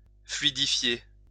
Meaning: to fluidify
- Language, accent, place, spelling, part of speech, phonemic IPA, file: French, France, Lyon, fluidifier, verb, /flɥi.di.fje/, LL-Q150 (fra)-fluidifier.wav